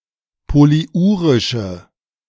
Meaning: inflection of polyurisch: 1. strong/mixed nominative/accusative feminine singular 2. strong nominative/accusative plural 3. weak nominative all-gender singular
- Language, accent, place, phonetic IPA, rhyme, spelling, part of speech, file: German, Germany, Berlin, [poliˈʔuːʁɪʃə], -uːʁɪʃə, polyurische, adjective, De-polyurische.ogg